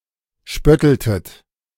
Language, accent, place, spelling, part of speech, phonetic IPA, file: German, Germany, Berlin, spötteltet, verb, [ˈʃpœtl̩tət], De-spötteltet.ogg
- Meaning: inflection of spötteln: 1. second-person plural preterite 2. second-person plural subjunctive II